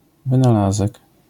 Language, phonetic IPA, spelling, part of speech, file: Polish, [ˌvɨ̃naˈlazɛk], wynalazek, noun, LL-Q809 (pol)-wynalazek.wav